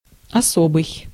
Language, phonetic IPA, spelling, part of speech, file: Russian, [ɐˈsobɨj], особый, adjective, Ru-особый.ogg
- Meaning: special (distinct)